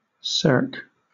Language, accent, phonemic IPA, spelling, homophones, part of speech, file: English, Southern England, /sɜːk/, cirque, circ, noun, LL-Q1860 (eng)-cirque.wav
- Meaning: 1. A Roman circus 2. A curved depression or natural amphitheatre, especially one in a mountainside at the end of a valley 3. Something in the shape of a circle or ring